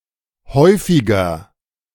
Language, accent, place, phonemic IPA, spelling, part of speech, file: German, Germany, Berlin, /ˈhɔɪ̯fɪɡɐ/, häufiger, adjective, De-häufiger.ogg
- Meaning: 1. comparative degree of häufig 2. inflection of häufig: strong/mixed nominative masculine singular 3. inflection of häufig: strong genitive/dative feminine singular